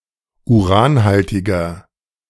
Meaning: inflection of uranhaltig: 1. strong/mixed nominative masculine singular 2. strong genitive/dative feminine singular 3. strong genitive plural
- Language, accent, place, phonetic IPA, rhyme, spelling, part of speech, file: German, Germany, Berlin, [uˈʁaːnˌhaltɪɡɐ], -aːnhaltɪɡɐ, uranhaltiger, adjective, De-uranhaltiger.ogg